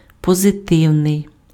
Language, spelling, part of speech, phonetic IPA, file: Ukrainian, позитивний, adjective, [pɔzeˈtɪu̯nei̯], Uk-позитивний.ogg
- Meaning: positive